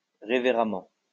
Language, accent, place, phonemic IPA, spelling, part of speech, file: French, France, Lyon, /ʁe.ve.ʁa.mɑ̃/, révéremment, adverb, LL-Q150 (fra)-révéremment.wav
- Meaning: reverently